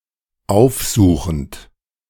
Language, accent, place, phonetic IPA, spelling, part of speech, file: German, Germany, Berlin, [ˈaʊ̯fˌzuːxn̩t], aufsuchend, adjective / verb, De-aufsuchend.ogg
- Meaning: present participle of aufsuchen